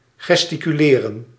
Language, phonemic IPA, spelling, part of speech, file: Dutch, /ɣɛstikyˈleːrə(n)/, gesticuleren, verb, Nl-gesticuleren.ogg
- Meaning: to gesticulate